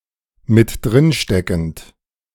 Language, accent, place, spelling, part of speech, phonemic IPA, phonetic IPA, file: German, Germany, Berlin, mit drin steckend, adjective, /mɪt ˈdʁɪn ˌʃtɛkənt/, [mɪt ˈdʁɪn ˌʃtɛkn̩t], De-mit drin steckend.ogg
- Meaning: involved, complicit, complicitous